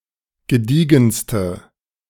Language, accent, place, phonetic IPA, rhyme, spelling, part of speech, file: German, Germany, Berlin, [ɡəˈdiːɡn̩stə], -iːɡn̩stə, gediegenste, adjective, De-gediegenste.ogg
- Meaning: inflection of gediegen: 1. strong/mixed nominative/accusative feminine singular superlative degree 2. strong nominative/accusative plural superlative degree